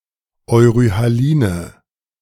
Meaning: inflection of euryhalin: 1. strong/mixed nominative/accusative feminine singular 2. strong nominative/accusative plural 3. weak nominative all-gender singular
- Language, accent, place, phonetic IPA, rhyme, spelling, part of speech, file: German, Germany, Berlin, [ɔɪ̯ʁyhaˈliːnə], -iːnə, euryhaline, adjective, De-euryhaline.ogg